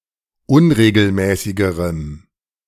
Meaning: strong dative masculine/neuter singular comparative degree of unregelmäßig
- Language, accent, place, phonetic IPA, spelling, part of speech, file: German, Germany, Berlin, [ˈʊnʁeːɡl̩ˌmɛːsɪɡəʁəm], unregelmäßigerem, adjective, De-unregelmäßigerem.ogg